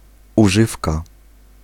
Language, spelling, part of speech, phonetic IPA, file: Polish, używka, noun, [uˈʒɨfka], Pl-używka.ogg